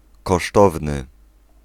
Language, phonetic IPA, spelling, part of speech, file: Polish, [kɔˈʃtɔvnɨ], kosztowny, adjective, Pl-kosztowny.ogg